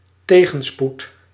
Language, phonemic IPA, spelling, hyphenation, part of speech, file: Dutch, /ˈteː.ɣə(n)ˌsput/, tegenspoed, te‧gen‧spoed, noun, Nl-tegenspoed.ogg
- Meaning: adversity (state)